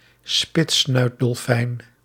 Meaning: beaked whale, toothed whale of the family Ziphiidae
- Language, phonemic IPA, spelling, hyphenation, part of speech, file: Dutch, /ˈspɪt.snœy̯t.dɔlˌfɛi̯n/, spitssnuitdolfijn, spits‧snuit‧dol‧fijn, noun, Nl-spitssnuitdolfijn.ogg